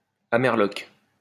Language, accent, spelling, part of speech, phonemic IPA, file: French, France, amerloque, noun, /a.mɛʁ.lɔk/, LL-Q150 (fra)-amerloque.wav
- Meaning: Yank, Yankee